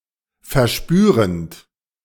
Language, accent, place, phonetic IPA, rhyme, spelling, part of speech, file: German, Germany, Berlin, [fɛɐ̯ˈʃpyːʁənt], -yːʁənt, verspürend, verb, De-verspürend.ogg
- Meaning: present participle of verspüren